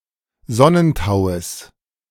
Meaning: genitive of Sonnentau
- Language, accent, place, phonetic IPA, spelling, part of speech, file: German, Germany, Berlin, [ˈzɔnənˌtaʊ̯əs], Sonnentaues, noun, De-Sonnentaues.ogg